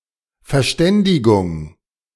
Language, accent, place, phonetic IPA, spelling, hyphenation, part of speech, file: German, Germany, Berlin, [fɛɐ̯ˈʃtɛndɪɡʊŋ], Verständigung, Ver‧stän‧di‧gung, noun, De-Verständigung.ogg
- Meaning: 1. comprehension, understanding 2. agreement, settlement, rapprochement 3. communication 4. information, notification